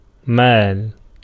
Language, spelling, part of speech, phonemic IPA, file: Arabic, مال, noun, /maːl/, Ar-مال.ogg
- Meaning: 1. property, possessions, chattels, goods 2. wealth, affluence 3. fortune, estate 4. money 5. income, revenue 6. assets, capital, stock, fund 7. marketable title 8. tax, land tax